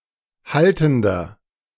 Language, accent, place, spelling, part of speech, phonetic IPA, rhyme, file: German, Germany, Berlin, haltender, adjective, [ˈhaltn̩dɐ], -altn̩dɐ, De-haltender.ogg
- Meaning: inflection of haltend: 1. strong/mixed nominative masculine singular 2. strong genitive/dative feminine singular 3. strong genitive plural